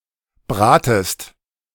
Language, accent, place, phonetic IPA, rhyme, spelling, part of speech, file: German, Germany, Berlin, [ˈbʁaːtəst], -aːtəst, bratest, verb, De-bratest.ogg
- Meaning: second-person singular subjunctive I of braten